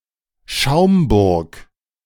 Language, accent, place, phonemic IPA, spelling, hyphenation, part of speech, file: German, Germany, Berlin, /ˈʃaʊ̯mbʊʁk/, Schaumburg, Schaum‧burg, proper noun, De-Schaumburg.ogg
- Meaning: 1. a rural district of Lower Saxony; seat: Stadthagen 2. Schaumburg (a village in Cook County and DuPage County, Illinois, United States) 3. a surname